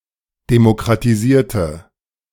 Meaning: inflection of demokratisieren: 1. first/third-person singular preterite 2. first/third-person singular subjunctive II
- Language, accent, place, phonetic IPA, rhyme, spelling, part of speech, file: German, Germany, Berlin, [demokʁatiˈziːɐ̯tə], -iːɐ̯tə, demokratisierte, adjective / verb, De-demokratisierte.ogg